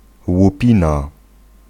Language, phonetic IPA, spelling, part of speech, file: Polish, [wuˈpʲĩna], łupina, noun, Pl-łupina.ogg